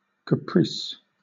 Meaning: 1. An impulsive, seemingly unmotivated action, change of mind, or notion 2. A brief romance 3. An unpredictable or sudden condition, change, or series of changes 4. A disposition to be impulsive
- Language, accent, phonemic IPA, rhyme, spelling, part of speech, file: English, Southern England, /kəˈpɹiːs/, -iːs, caprice, noun, LL-Q1860 (eng)-caprice.wav